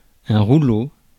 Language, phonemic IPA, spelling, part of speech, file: French, /ʁu.lo/, rouleau, noun, Fr-rouleau.ogg
- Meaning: roll, roller